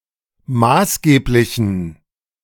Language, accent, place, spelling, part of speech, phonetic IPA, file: German, Germany, Berlin, maßgeblichen, adjective, [ˈmaːsˌɡeːplɪçn̩], De-maßgeblichen.ogg
- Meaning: inflection of maßgeblich: 1. strong genitive masculine/neuter singular 2. weak/mixed genitive/dative all-gender singular 3. strong/weak/mixed accusative masculine singular 4. strong dative plural